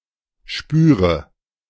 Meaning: inflection of spüren: 1. first-person singular present 2. first/third-person singular subjunctive I 3. singular imperative
- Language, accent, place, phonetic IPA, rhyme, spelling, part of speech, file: German, Germany, Berlin, [ˈʃpyːʁə], -yːʁə, spüre, verb, De-spüre.ogg